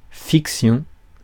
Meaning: fiction
- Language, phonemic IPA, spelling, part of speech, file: French, /fik.sjɔ̃/, fiction, noun, Fr-fiction.ogg